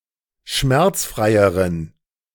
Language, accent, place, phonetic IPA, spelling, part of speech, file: German, Germany, Berlin, [ˈʃmɛʁt͡sˌfʁaɪ̯əʁən], schmerzfreieren, adjective, De-schmerzfreieren.ogg
- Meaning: inflection of schmerzfrei: 1. strong genitive masculine/neuter singular comparative degree 2. weak/mixed genitive/dative all-gender singular comparative degree